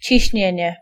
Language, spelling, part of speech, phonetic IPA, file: Polish, ciśnienie, noun, [t͡ɕiɕˈɲɛ̇̃ɲɛ], Pl-ciśnienie.ogg